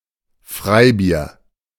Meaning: free beer
- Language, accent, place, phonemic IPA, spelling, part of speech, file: German, Germany, Berlin, /ˈfʁaɪ̯ˌbiːɐ̯/, Freibier, noun, De-Freibier.ogg